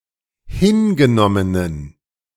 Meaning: inflection of hingenommen: 1. strong genitive masculine/neuter singular 2. weak/mixed genitive/dative all-gender singular 3. strong/weak/mixed accusative masculine singular 4. strong dative plural
- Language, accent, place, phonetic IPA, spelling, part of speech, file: German, Germany, Berlin, [ˈhɪnɡəˌnɔmənən], hingenommenen, adjective, De-hingenommenen.ogg